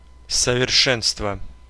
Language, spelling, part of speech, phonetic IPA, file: Russian, совершенство, noun, [səvʲɪrˈʂɛnstvə], Ru-совершенство.ogg
- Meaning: perfection, consummation, fineness, polish